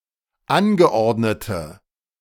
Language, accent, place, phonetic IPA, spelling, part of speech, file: German, Germany, Berlin, [ˈanɡəˌʔɔʁdnətə], angeordnete, adjective, De-angeordnete.ogg
- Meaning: inflection of angeordnet: 1. strong/mixed nominative/accusative feminine singular 2. strong nominative/accusative plural 3. weak nominative all-gender singular